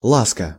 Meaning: 1. caress, endearment 2. petting 3. weasel (mammal, Mustela nivalis)
- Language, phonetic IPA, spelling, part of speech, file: Russian, [ˈɫaskə], ласка, noun, Ru-ласка.ogg